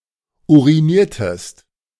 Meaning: inflection of urinieren: 1. second-person singular preterite 2. second-person singular subjunctive II
- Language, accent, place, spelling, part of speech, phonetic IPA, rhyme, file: German, Germany, Berlin, uriniertest, verb, [ˌuʁiˈniːɐ̯təst], -iːɐ̯təst, De-uriniertest.ogg